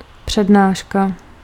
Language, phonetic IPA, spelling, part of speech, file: Czech, [ˈpr̝̊ɛdnaːʃka], přednáška, noun, Cs-přednáška.ogg
- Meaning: lecture